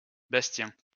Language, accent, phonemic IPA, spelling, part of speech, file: French, France, /bas.tjɛ̃/, Bastien, proper noun, LL-Q150 (fra)-Bastien.wav
- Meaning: 1. a diminutive of the male given name Sébastien, equivalent to German Bastian 2. a surname 3. clipping of Sébastien